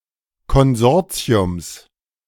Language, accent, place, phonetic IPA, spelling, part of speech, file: German, Germany, Berlin, [kɔnˈzɔʁt͡si̯ʊms], Konsortiums, noun, De-Konsortiums.ogg
- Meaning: genitive singular of Konsortium